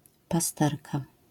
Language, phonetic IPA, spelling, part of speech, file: Polish, [paˈstɛrka], pasterka, noun, LL-Q809 (pol)-pasterka.wav